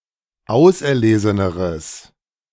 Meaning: strong/mixed nominative/accusative neuter singular comparative degree of auserlesen
- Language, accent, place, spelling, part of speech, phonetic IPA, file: German, Germany, Berlin, auserleseneres, adjective, [ˈaʊ̯sʔɛɐ̯ˌleːzənəʁəs], De-auserleseneres.ogg